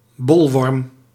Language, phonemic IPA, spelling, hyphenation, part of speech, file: Dutch, /ˈbɔl.ʋɔrm/, bolworm, bol‧worm, noun, Nl-bolworm.ogg
- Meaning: the larva of tapeworms of the genus Taenia, that cause coenurosis in sheep and some other herbivores